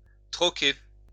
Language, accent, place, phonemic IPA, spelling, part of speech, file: French, France, Lyon, /tʁɔ.ke/, troquer, verb, LL-Q150 (fra)-troquer.wav
- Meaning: to barter (exchange goods or services without involving money)